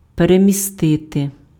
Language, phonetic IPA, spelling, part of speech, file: Ukrainian, [peremʲiˈstɪte], перемістити, verb, Uk-перемістити.ogg
- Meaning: to move, to relocate, to displace, to transfer, to shift (change the location of)